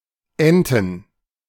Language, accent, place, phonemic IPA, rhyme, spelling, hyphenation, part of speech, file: German, Germany, Berlin, /ˈɛntən/, -ɛntən, Enten, En‧ten, noun, De-Enten.ogg
- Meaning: plural of Ente